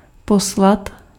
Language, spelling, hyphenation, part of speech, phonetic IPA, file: Czech, poslat, pos‧lat, verb, [ˈposlat], Cs-poslat.ogg
- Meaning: to send [with accusative ‘’] and